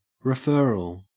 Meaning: The act or process of transferring someone or something to another, of sending by reference, or referring
- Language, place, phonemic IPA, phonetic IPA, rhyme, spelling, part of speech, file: English, Queensland, /ɹɪˈfɜː.ɹəl/, [ɹɨ̞ˈfɜː.ɹəl], -ɜːɹəl, referral, noun, En-au-referral.ogg